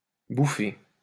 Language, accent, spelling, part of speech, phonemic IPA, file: French, France, bouffer, verb, /bu.fe/, LL-Q150 (fra)-bouffer.wav
- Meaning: 1. to eat 2. to eat, to worry 3. to consume in excess 4. to bash (criticise harshly)